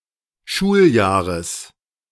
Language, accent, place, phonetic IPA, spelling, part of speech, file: German, Germany, Berlin, [ˈʃuːlˌjaːʁəs], Schuljahres, noun, De-Schuljahres.ogg
- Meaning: genitive of Schuljahr